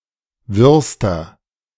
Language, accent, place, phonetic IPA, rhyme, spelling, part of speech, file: German, Germany, Berlin, [ˈvɪʁstɐ], -ɪʁstɐ, wirrster, adjective, De-wirrster.ogg
- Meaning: inflection of wirr: 1. strong/mixed nominative masculine singular superlative degree 2. strong genitive/dative feminine singular superlative degree 3. strong genitive plural superlative degree